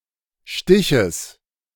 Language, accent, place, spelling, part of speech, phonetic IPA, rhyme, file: German, Germany, Berlin, Stiches, noun, [ˈʃtɪçəs], -ɪçəs, De-Stiches.ogg
- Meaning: genitive singular of Stich